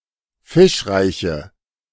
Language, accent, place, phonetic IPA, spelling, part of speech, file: German, Germany, Berlin, [ˈfɪʃˌʁaɪ̯çə], fischreiche, adjective, De-fischreiche.ogg
- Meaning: inflection of fischreich: 1. strong/mixed nominative/accusative feminine singular 2. strong nominative/accusative plural 3. weak nominative all-gender singular